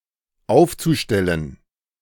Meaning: zu-infinitive of aufstellen
- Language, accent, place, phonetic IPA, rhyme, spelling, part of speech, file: German, Germany, Berlin, [ˈaʊ̯ft͡suˌʃtɛlən], -aʊ̯ft͡suʃtɛlən, aufzustellen, verb, De-aufzustellen.ogg